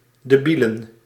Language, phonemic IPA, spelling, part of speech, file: Dutch, /dəˈbilə(n)/, debielen, noun, Nl-debielen.ogg
- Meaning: plural of debiel